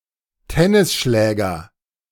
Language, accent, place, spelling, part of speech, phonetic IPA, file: German, Germany, Berlin, Tennisschläger, noun, [ˈtɛnɪsˌʃlɛːɡɐ], De-Tennisschläger.ogg
- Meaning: tennis racket